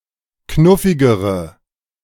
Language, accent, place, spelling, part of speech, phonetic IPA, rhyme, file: German, Germany, Berlin, knuffigere, adjective, [ˈknʊfɪɡəʁə], -ʊfɪɡəʁə, De-knuffigere.ogg
- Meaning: inflection of knuffig: 1. strong/mixed nominative/accusative feminine singular comparative degree 2. strong nominative/accusative plural comparative degree